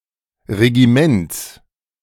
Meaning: genitive singular of Regiment
- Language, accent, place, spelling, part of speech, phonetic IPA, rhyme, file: German, Germany, Berlin, Regiments, noun, [ʁeɡiˈmɛnt͡s], -ɛnt͡s, De-Regiments.ogg